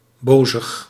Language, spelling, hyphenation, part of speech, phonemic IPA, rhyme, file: Dutch, bozig, bo‧zig, adjective, /ˈboː.zəx/, -oːzəx, Nl-bozig.ogg
- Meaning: angry